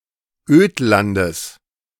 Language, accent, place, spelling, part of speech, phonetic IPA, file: German, Germany, Berlin, Ödlandes, noun, [ˈøːtlandəs], De-Ödlandes.ogg
- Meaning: genitive singular of Ödland